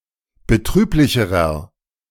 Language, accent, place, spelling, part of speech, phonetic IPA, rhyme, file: German, Germany, Berlin, betrüblicherer, adjective, [bəˈtʁyːplɪçəʁɐ], -yːplɪçəʁɐ, De-betrüblicherer.ogg
- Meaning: inflection of betrüblich: 1. strong/mixed nominative masculine singular comparative degree 2. strong genitive/dative feminine singular comparative degree 3. strong genitive plural comparative degree